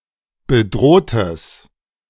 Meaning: strong/mixed nominative/accusative neuter singular of bedroht
- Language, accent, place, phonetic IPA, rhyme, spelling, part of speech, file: German, Germany, Berlin, [bəˈdʁoːtəs], -oːtəs, bedrohtes, adjective, De-bedrohtes.ogg